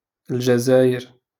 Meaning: Algeria (a country in North Africa)
- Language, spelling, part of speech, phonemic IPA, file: Moroccan Arabic, الجزاير, proper noun, /ɪl.ʒa.zaː.jir/, LL-Q56426 (ary)-الجزاير.wav